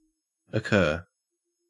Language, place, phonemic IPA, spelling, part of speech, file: English, Queensland, /əˈkɜː/, occur, verb, En-au-occur.ogg
- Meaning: 1. To happen or take place 2. To present or offer itself 3. To come or be presented to the mind; to suggest itself 4. To be present or found